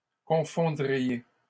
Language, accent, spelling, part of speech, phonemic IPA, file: French, Canada, confondriez, verb, /kɔ̃.fɔ̃.dʁi.je/, LL-Q150 (fra)-confondriez.wav
- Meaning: second-person plural conditional of confondre